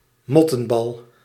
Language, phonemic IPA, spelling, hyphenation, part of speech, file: Dutch, /ˈmɔ.tə(n)ˌbɑl/, mottenbal, mot‧ten‧bal, noun, Nl-mottenbal.ogg
- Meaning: 1. a mothball, bug-repelling ball 2. long-term storage; unsavory state (of conservation)